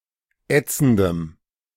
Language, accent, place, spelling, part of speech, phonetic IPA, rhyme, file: German, Germany, Berlin, ätzendem, adjective, [ˈɛt͡sn̩dəm], -ɛt͡sn̩dəm, De-ätzendem.ogg
- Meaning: strong dative masculine/neuter singular of ätzend